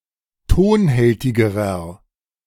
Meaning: inflection of tonhältig: 1. strong/mixed nominative masculine singular comparative degree 2. strong genitive/dative feminine singular comparative degree 3. strong genitive plural comparative degree
- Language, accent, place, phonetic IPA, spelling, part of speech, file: German, Germany, Berlin, [ˈtoːnˌhɛltɪɡəʁɐ], tonhältigerer, adjective, De-tonhältigerer.ogg